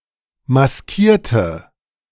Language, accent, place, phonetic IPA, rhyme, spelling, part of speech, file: German, Germany, Berlin, [masˈkiːɐ̯tə], -iːɐ̯tə, maskierte, adjective / verb, De-maskierte.ogg
- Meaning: inflection of maskieren: 1. first/third-person singular preterite 2. first/third-person singular subjunctive II